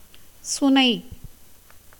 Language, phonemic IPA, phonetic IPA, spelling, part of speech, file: Tamil, /tʃʊnɐɪ̯/, [sʊnɐɪ̯], சுனை, noun, Ta-சுனை.ogg
- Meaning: 1. mountain pool, mountain spring 2. tank, resevoir 3. pasture with tanks